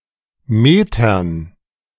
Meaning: dative plural of Meter
- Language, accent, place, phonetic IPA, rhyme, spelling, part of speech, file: German, Germany, Berlin, [ˈmeːtɐn], -eːtɐn, Metern, noun, De-Metern.ogg